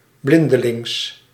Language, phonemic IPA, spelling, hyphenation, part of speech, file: Dutch, /ˈblɪn.dəˌlɪŋs/, blindelings, blin‧de‧lings, adverb, Nl-blindelings.ogg
- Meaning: blindly, with eyes closed